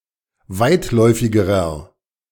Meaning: inflection of weitläufig: 1. strong/mixed nominative masculine singular comparative degree 2. strong genitive/dative feminine singular comparative degree 3. strong genitive plural comparative degree
- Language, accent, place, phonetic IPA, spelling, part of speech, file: German, Germany, Berlin, [ˈvaɪ̯tˌlɔɪ̯fɪɡəʁɐ], weitläufigerer, adjective, De-weitläufigerer.ogg